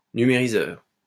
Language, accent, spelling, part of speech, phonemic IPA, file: French, France, numériseur, noun, /ny.me.ʁi.zœʁ/, LL-Q150 (fra)-numériseur.wav
- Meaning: scanner (device which scans documents)